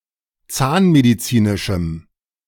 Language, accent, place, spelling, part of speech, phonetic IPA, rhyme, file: German, Germany, Berlin, zahnmedizinischem, adjective, [ˈt͡saːnmediˌt͡siːnɪʃm̩], -aːnmedit͡siːnɪʃm̩, De-zahnmedizinischem.ogg
- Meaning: strong dative masculine/neuter singular of zahnmedizinisch